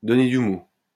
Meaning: 1. to give (someone) more slack 2. to cut (someone) some slack, to give (someone) some rope, to give (someone) more leeway
- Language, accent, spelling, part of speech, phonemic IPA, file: French, France, donner du mou, verb, /dɔ.ne dy mu/, LL-Q150 (fra)-donner du mou.wav